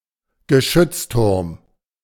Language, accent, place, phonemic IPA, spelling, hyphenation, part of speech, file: German, Germany, Berlin, /ɡəˈʃʏt͡sˌtʊʁm/, Geschützturm, Ge‧schütz‧turm, noun, De-Geschützturm.ogg
- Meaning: gun turret